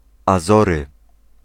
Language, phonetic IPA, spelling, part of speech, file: Polish, [aˈzɔrɨ], Azory, proper noun / noun, Pl-Azory.ogg